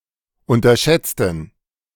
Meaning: inflection of unterschätzen: 1. first/third-person plural preterite 2. first/third-person plural subjunctive II
- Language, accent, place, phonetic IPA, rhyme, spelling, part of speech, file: German, Germany, Berlin, [ˌʊntɐˈʃɛt͡stn̩], -ɛt͡stn̩, unterschätzten, adjective / verb, De-unterschätzten.ogg